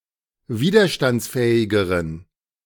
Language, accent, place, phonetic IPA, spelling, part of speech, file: German, Germany, Berlin, [ˈviːdɐʃtant͡sˌfɛːɪɡəʁən], widerstandsfähigeren, adjective, De-widerstandsfähigeren.ogg
- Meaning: inflection of widerstandsfähig: 1. strong genitive masculine/neuter singular comparative degree 2. weak/mixed genitive/dative all-gender singular comparative degree